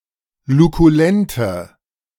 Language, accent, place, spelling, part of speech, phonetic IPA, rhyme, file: German, Germany, Berlin, lukulente, adjective, [lukuˈlɛntə], -ɛntə, De-lukulente.ogg
- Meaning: inflection of lukulent: 1. strong/mixed nominative/accusative feminine singular 2. strong nominative/accusative plural 3. weak nominative all-gender singular